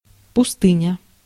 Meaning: 1. desert, wilderness 2. unpopulated area
- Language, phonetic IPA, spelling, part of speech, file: Russian, [pʊˈstɨnʲə], пустыня, noun, Ru-пустыня.ogg